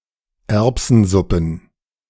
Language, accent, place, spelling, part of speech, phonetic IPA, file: German, Germany, Berlin, Erbsensuppen, noun, [ˈɛʁpsn̩ˌzʊpn̩], De-Erbsensuppen.ogg
- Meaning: plural of Erbsensuppe